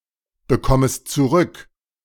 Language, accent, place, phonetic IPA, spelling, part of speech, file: German, Germany, Berlin, [bəˌkɔməst t͡suˈʁʏk], bekommest zurück, verb, De-bekommest zurück.ogg
- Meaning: second-person singular subjunctive I of zurückbekommen